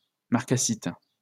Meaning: marcasite
- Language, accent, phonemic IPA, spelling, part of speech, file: French, France, /maʁ.ka.sit/, marcassite, noun, LL-Q150 (fra)-marcassite.wav